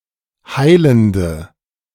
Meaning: inflection of heilend: 1. strong/mixed nominative/accusative feminine singular 2. strong nominative/accusative plural 3. weak nominative all-gender singular 4. weak accusative feminine/neuter singular
- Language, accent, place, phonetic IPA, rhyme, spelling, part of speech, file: German, Germany, Berlin, [ˈhaɪ̯ləndə], -aɪ̯ləndə, heilende, adjective, De-heilende.ogg